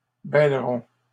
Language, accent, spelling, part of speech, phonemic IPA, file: French, Canada, bêleront, verb, /bɛl.ʁɔ̃/, LL-Q150 (fra)-bêleront.wav
- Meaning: third-person plural simple future of bêler